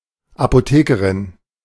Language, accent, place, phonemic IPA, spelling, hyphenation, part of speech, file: German, Germany, Berlin, /ˌapoˈteːkəʁɪn/, Apothekerin, Apo‧the‧ke‧rin, noun, De-Apothekerin.ogg
- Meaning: pharmacist (female)